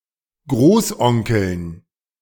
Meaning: dative plural of Großonkel
- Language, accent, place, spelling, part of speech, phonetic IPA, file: German, Germany, Berlin, Großonkeln, noun, [ˈɡʁoːsˌʔɔŋkl̩n], De-Großonkeln.ogg